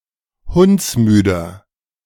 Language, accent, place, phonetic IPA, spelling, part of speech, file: German, Germany, Berlin, [ˈhʊnt͡sˌmyːdɐ], hundsmüder, adjective, De-hundsmüder.ogg
- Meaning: inflection of hundsmüde: 1. strong/mixed nominative masculine singular 2. strong genitive/dative feminine singular 3. strong genitive plural